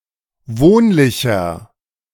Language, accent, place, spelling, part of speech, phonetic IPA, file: German, Germany, Berlin, wohnlicher, adjective, [ˈvoːnlɪçɐ], De-wohnlicher.ogg
- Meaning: 1. comparative degree of wohnlich 2. inflection of wohnlich: strong/mixed nominative masculine singular 3. inflection of wohnlich: strong genitive/dative feminine singular